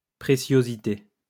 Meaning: preciousness
- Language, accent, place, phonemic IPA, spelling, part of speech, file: French, France, Lyon, /pʁe.sjo.zi.te/, préciosité, noun, LL-Q150 (fra)-préciosité.wav